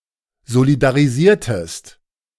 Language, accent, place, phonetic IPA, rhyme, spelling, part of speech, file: German, Germany, Berlin, [zolidaʁiˈziːɐ̯təst], -iːɐ̯təst, solidarisiertest, verb, De-solidarisiertest.ogg
- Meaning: inflection of solidarisieren: 1. second-person singular preterite 2. second-person singular subjunctive II